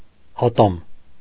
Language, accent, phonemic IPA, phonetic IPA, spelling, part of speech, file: Armenian, Eastern Armenian, /ɑˈtɑm/, [ɑtɑ́m], ատամ, noun, Hy-ատամ.ogg
- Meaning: 1. tooth 2. cog 3. prong 4. merlon